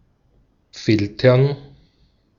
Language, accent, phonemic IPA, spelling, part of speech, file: German, Austria, /ˈfɪltɐn/, filtern, verb, De-at-filtern.ogg
- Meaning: to filter